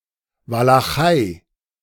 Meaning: Wallachia (a historical region and former principality in Eastern Europe, now part of southern Romania)
- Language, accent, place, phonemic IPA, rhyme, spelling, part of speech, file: German, Germany, Berlin, /valaˈχaɪ̯/, -aɪ̯, Walachei, proper noun, De-Walachei.ogg